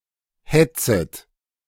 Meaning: second-person plural subjunctive I of hetzen
- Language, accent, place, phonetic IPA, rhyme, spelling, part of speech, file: German, Germany, Berlin, [ˈhɛt͡sət], -ɛt͡sət, hetzet, verb, De-hetzet.ogg